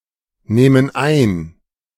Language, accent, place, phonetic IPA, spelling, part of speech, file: German, Germany, Berlin, [ˌnɛːmən ˈaɪ̯n], nähmen ein, verb, De-nähmen ein.ogg
- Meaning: first/third-person plural subjunctive II of einnehmen